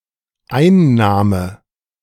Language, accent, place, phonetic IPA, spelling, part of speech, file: German, Germany, Berlin, [ˈaɪ̯nˌnaːmə], Einnahme, noun, De-Einnahme.ogg
- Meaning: 1. receipt, revenue 2. taking (of a drug) 3. taking, capture 4. takings